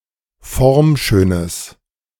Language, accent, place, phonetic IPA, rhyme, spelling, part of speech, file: German, Germany, Berlin, [ˈfɔʁmˌʃøːnəs], -ɔʁmʃøːnəs, formschönes, adjective, De-formschönes.ogg
- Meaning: strong/mixed nominative/accusative neuter singular of formschön